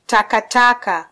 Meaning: 1. dirt (soil or earth) 2. garbage, rubbish, trash, refuse
- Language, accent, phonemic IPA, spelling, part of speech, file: Swahili, Kenya, /tɑ.kɑˈtɑ.kɑ/, takataka, noun, Sw-ke-takataka.flac